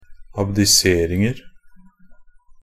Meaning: indefinite plural of abdisering
- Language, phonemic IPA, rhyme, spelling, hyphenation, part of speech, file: Norwegian Bokmål, /abdɪˈseːrɪŋər/, -ər, abdiseringer, ab‧di‧ser‧ing‧er, noun, NB - Pronunciation of Norwegian Bokmål «abdiseringer».ogg